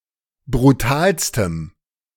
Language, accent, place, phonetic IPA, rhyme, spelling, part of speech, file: German, Germany, Berlin, [bʁuˈtaːlstəm], -aːlstəm, brutalstem, adjective, De-brutalstem.ogg
- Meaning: strong dative masculine/neuter singular superlative degree of brutal